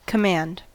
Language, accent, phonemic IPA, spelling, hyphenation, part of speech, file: English, US, /kəˈmænd/, command, com‧mand, noun / verb, En-us-command.ogg
- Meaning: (noun) 1. An order to do something 2. The right or authority to order, control or dispose of; the right to be obeyed or to compel obedience 3. power of control, direction or disposal; mastery